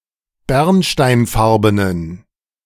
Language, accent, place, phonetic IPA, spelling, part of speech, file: German, Germany, Berlin, [ˈbɛʁnʃtaɪ̯nˌfaʁbənən], bernsteinfarbenen, adjective, De-bernsteinfarbenen.ogg
- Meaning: inflection of bernsteinfarben: 1. strong genitive masculine/neuter singular 2. weak/mixed genitive/dative all-gender singular 3. strong/weak/mixed accusative masculine singular 4. strong dative plural